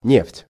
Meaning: oil, petroleum, mineral oil
- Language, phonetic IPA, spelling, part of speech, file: Russian, [nʲeftʲ], нефть, noun, Ru-нефть.ogg